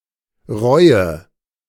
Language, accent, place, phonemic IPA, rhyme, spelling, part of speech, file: German, Germany, Berlin, /ˈʁɔɪ̯ə/, -ɔɪ̯ə, Reue, noun, De-Reue.ogg
- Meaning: repentance; remorse, regret